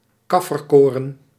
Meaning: sorghum (Sorghum bicolor)
- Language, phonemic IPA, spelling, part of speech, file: Dutch, /ˈkɑ.fərˌkoː.rə(n)/, kafferkoren, noun, Nl-kafferkoren.ogg